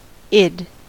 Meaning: The unconscious impulsive component of the personality in the Freudian psychoanalytic model
- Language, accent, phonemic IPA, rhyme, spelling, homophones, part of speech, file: English, US, /ɪd/, -ɪd, id, it'd, noun, En-us-id.ogg